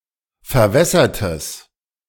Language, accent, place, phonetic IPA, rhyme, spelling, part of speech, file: German, Germany, Berlin, [fɛɐ̯ˈvɛsɐtəs], -ɛsɐtəs, verwässertes, adjective, De-verwässertes.ogg
- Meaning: strong/mixed nominative/accusative neuter singular of verwässert